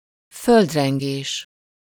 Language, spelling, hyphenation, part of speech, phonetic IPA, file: Hungarian, földrengés, föld‧ren‧gés, noun, [ˈføldrɛŋɡeːʃ], Hu-földrengés.ogg
- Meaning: earthquake